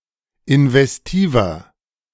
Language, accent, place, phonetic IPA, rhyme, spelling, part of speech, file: German, Germany, Berlin, [ɪnvɛsˈtiːvɐ], -iːvɐ, investiver, adjective, De-investiver.ogg
- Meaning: inflection of investiv: 1. strong/mixed nominative masculine singular 2. strong genitive/dative feminine singular 3. strong genitive plural